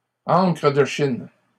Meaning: India ink
- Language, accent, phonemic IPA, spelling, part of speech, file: French, Canada, /ɑ̃.kʁə d(ə) ʃin/, encre de Chine, noun, LL-Q150 (fra)-encre de Chine.wav